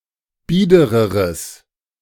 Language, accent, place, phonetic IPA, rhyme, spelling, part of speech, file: German, Germany, Berlin, [ˈbiːdəʁəʁəs], -iːdəʁəʁəs, biedereres, adjective, De-biedereres.ogg
- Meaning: strong/mixed nominative/accusative neuter singular comparative degree of bieder